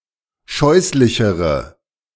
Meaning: inflection of scheußlich: 1. strong/mixed nominative/accusative feminine singular comparative degree 2. strong nominative/accusative plural comparative degree
- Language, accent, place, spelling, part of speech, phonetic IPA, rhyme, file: German, Germany, Berlin, scheußlichere, adjective, [ˈʃɔɪ̯slɪçəʁə], -ɔɪ̯slɪçəʁə, De-scheußlichere.ogg